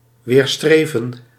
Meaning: to oppose, to resist against
- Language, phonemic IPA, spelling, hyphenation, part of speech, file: Dutch, /ˌʋeːrˈstreː.və(n)/, weerstreven, weer‧stre‧ven, verb, Nl-weerstreven.ogg